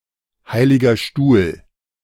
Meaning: Holy See (episcopal see of the Roman Catholic Church)
- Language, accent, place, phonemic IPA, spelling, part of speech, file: German, Germany, Berlin, /ˌhaɪ̯lɪɡɐ ˈʃtuːl/, Heiliger Stuhl, proper noun, De-Heiliger Stuhl.ogg